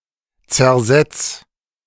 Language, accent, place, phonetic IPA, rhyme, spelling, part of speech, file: German, Germany, Berlin, [t͡sɛɐ̯ˈzɛt͡s], -ɛt͡s, zersetz, verb, De-zersetz.ogg
- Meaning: 1. singular imperative of zersetzen 2. first-person singular present of zersetzen